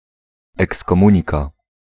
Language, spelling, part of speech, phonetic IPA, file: Polish, ekskomunika, noun, [ˌɛkskɔ̃ˈmũɲika], Pl-ekskomunika.ogg